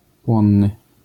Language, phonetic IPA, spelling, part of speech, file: Polish, [ˈpwɔ̃nːɨ], płonny, adjective, LL-Q809 (pol)-płonny.wav